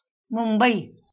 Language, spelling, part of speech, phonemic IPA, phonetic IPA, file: Marathi, मुंबई, proper noun, /mum.bəi/, [mum.bəiː], LL-Q1571 (mar)-मुंबई.wav
- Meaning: Mumbai (a megacity, the capital of Maharashtra, India, also known as Bombay)